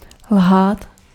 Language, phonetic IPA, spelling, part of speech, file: Czech, [ˈlɦaːt], lhát, verb, Cs-lhát.ogg
- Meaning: to lie (not be truthful)